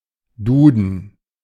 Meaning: A dictionary of the German language, first published by Konrad Duden in 1880
- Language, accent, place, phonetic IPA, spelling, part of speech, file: German, Germany, Berlin, [ˈduːd̚n̩], Duden, noun, De-Duden.ogg